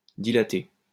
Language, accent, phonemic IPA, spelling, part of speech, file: French, France, /di.la.te/, dilater, verb, LL-Q150 (fra)-dilater.wav
- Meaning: to dilate